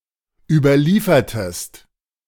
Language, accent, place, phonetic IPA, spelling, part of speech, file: German, Germany, Berlin, [ˌyːbɐˈliːfɐtəst], überliefertest, verb, De-überliefertest.ogg
- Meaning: inflection of überliefern: 1. second-person singular preterite 2. second-person singular subjunctive II